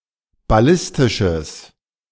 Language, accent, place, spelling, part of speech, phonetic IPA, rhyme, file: German, Germany, Berlin, ballistisches, adjective, [baˈlɪstɪʃəs], -ɪstɪʃəs, De-ballistisches.ogg
- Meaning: strong/mixed nominative/accusative neuter singular of ballistisch